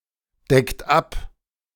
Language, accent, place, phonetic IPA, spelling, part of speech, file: German, Germany, Berlin, [ˌdɛkt ˈap], deckt ab, verb, De-deckt ab.ogg
- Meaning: inflection of abdecken: 1. third-person singular present 2. second-person plural present 3. plural imperative